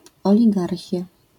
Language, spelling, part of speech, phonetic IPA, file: Polish, oligarchia, noun, [ˌɔlʲiˈɡarxʲja], LL-Q809 (pol)-oligarchia.wav